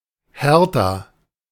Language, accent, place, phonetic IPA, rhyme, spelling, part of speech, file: German, Germany, Berlin, [ˈhɛʁta], -ɛʁta, Hertha, proper noun, De-Hertha.ogg
- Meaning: a female given name, popular at the turn of the 20th century